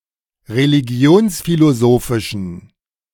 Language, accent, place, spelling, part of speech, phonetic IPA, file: German, Germany, Berlin, religionsphilosophischen, adjective, [ʁeliˈɡi̯oːnsfiloˌzoːfɪʃn̩], De-religionsphilosophischen.ogg
- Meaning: inflection of religionsphilosophisch: 1. strong genitive masculine/neuter singular 2. weak/mixed genitive/dative all-gender singular 3. strong/weak/mixed accusative masculine singular